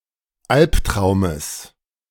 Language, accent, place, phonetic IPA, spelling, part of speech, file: German, Germany, Berlin, [ˈalpˌtʁaʊ̯məs], Albtraumes, noun, De-Albtraumes.ogg
- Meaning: genitive of Albtraum